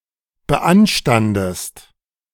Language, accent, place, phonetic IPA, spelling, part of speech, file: German, Germany, Berlin, [bəˈʔanʃtandəst], beanstandest, verb, De-beanstandest.ogg
- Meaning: inflection of beanstanden: 1. second-person singular present 2. second-person singular subjunctive I